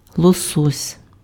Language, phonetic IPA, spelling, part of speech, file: Ukrainian, [ɫɔˈsɔsʲ], лосось, noun, Uk-лосось.ogg
- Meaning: salmon